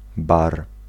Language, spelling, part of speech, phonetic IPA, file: Polish, bar, noun, [bar], Pl-bar.ogg